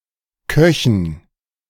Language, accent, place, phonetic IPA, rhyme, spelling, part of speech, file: German, Germany, Berlin, [ˈkœçn̩], -œçn̩, Köchen, noun, De-Köchen.ogg
- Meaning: dative plural of Koch